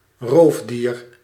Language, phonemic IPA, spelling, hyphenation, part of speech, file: Dutch, /ˈroːf.diːr/, roofdier, roof‧dier, noun, Nl-roofdier.ogg
- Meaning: 1. a predatory species, which kills and eats prey 2. a ruthless person, without regard for victims 3. a carnivore, which also includes scavengers 4. a carnivoran, any member of the order Carnivora